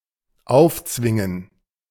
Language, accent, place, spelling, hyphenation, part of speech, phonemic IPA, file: German, Germany, Berlin, aufzwingen, auf‧zwin‧gen, verb, /ˈaʊ̯fˌt͡svɪŋən/, De-aufzwingen.ogg
- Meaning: 1. to force, impose something (up)on someone 2. to force something open 3. something forces itself upon someone 4. to force oneself to get up